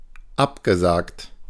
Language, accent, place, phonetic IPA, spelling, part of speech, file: German, Germany, Berlin, [ˈapɡəˌzaːkt], abgesagt, verb, De-abgesagt.ogg
- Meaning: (verb) past participle of absagen; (adjective) postponed; called off, cancelled